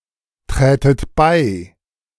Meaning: second-person plural subjunctive II of beitreten
- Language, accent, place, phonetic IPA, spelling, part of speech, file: German, Germany, Berlin, [ˌtʁɛːtət ˈbaɪ̯], trätet bei, verb, De-trätet bei.ogg